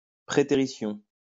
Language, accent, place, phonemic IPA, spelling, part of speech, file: French, France, Lyon, /pʁe.te.ʁi.sjɔ̃/, prétérition, noun, LL-Q150 (fra)-prétérition.wav
- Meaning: preterition, omission